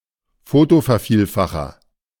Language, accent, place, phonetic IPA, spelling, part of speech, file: German, Germany, Berlin, [ˈfoːtofɛɐ̯ˌfiːlfaxɐ], Fotovervielfacher, noun, De-Fotovervielfacher.ogg
- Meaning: photomultiplier